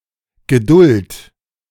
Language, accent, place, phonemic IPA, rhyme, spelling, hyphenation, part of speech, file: German, Germany, Berlin, /ɡəˈdʊlt/, -ʊlt, Geduld, Ge‧duld, noun / proper noun, De-Geduld.ogg
- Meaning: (noun) patience; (proper noun) a surname